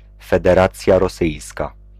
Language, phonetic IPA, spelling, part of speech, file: Polish, [ˌfɛdɛˈrat͡sʲja rɔˈsɨjska], Federacja Rosyjska, proper noun, Pl-Federacja Rosyjska.ogg